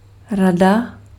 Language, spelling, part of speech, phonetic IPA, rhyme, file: Czech, rada, noun, [ˈrada], -ada, Cs-rada.ogg
- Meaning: 1. advice, counsel 2. council